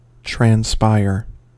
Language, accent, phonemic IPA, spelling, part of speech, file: English, US, /tɹænˈspaɪ̯ɚ/, transpire, verb, En-us-transpire.ogg
- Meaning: 1. To give off (vapour, waste matter etc.); to exhale (an odour etc.) 2. To perspire 3. Of plants, to give off water and waste products through the stomata 4. To become known; to escape from secrecy